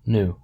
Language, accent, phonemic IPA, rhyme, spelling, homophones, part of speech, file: English, US, /nu/, -uː, nu, new, noun, En-us-nu.ogg
- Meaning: 1. The letter of the Greek alphabet Ν (N) and ν (n) 2. A measure of constringence in lenses or prisms